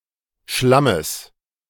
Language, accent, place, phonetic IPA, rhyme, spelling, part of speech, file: German, Germany, Berlin, [ˈʃlaməs], -aməs, Schlammes, noun, De-Schlammes.ogg
- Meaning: genitive singular of Schlamm